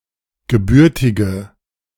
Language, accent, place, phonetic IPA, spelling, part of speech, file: German, Germany, Berlin, [ɡəˈbʏʁtɪɡə], gebürtige, adjective, De-gebürtige.ogg
- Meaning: inflection of gebürtig: 1. strong/mixed nominative/accusative feminine singular 2. strong nominative/accusative plural 3. weak nominative all-gender singular